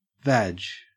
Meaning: 1. Vagina (or, by extension, vulva) 2. The Volkswagen group
- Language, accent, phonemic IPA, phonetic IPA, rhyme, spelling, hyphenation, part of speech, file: English, Australia, /ˈvæd͡ʒ/, [ˈvæd͡ʒ], -ædʒ, vag, vag, noun, En-au-vag.ogg